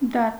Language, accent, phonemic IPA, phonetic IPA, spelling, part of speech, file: Armenian, Eastern Armenian, /dɑt/, [dɑt], դատ, noun, Hy-դատ.ogg
- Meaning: 1. trial, judicial proceedings 2. justice